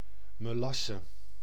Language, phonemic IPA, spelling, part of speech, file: Dutch, /məˈlɑsə/, melasse, noun, Nl-melasse.ogg
- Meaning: the thick brownish syrup molasses, the remnant after refining raw sugar (cane)